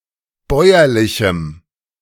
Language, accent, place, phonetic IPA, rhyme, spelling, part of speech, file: German, Germany, Berlin, [ˈbɔɪ̯ɐlɪçm̩], -ɔɪ̯ɐlɪçm̩, bäuerlichem, adjective, De-bäuerlichem.ogg
- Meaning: strong dative masculine/neuter singular of bäuerlich